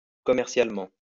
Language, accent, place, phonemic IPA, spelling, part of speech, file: French, France, Lyon, /kɔ.mɛʁ.sjal.mɑ̃/, commercialement, adverb, LL-Q150 (fra)-commercialement.wav
- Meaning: commercially